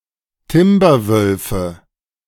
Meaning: nominative/accusative/genitive plural of Timberwolf
- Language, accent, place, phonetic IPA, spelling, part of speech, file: German, Germany, Berlin, [ˈtɪmbɐˌvœlfə], Timberwölfe, noun, De-Timberwölfe.ogg